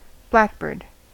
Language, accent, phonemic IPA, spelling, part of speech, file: English, US, /ˈblækˌbɚd/, blackbird, noun / verb, En-us-blackbird.ogg
- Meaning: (noun) A common true thrush, Turdus merula, found in woods and gardens over much of Eurasia, and introduced elsewhere